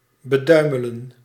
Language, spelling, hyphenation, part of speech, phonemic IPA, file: Dutch, beduimelen, be‧dui‧me‧len, verb, /bəˈdœy̯.mə.lə(n)/, Nl-beduimelen.ogg
- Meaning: to stain or soil by (excessive) touching with thumbs or fingers